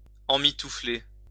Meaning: to wrap (something) up warmly, to swaddle
- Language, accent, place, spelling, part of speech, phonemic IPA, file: French, France, Lyon, emmitoufler, verb, /ɑ̃.mi.tu.fle/, LL-Q150 (fra)-emmitoufler.wav